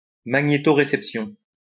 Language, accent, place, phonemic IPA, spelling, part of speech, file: French, France, Lyon, /ma.ɲe.tɔ.ʁe.sɛp.sjɔ̃/, magnétoréception, noun, LL-Q150 (fra)-magnétoréception.wav
- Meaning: magnetoception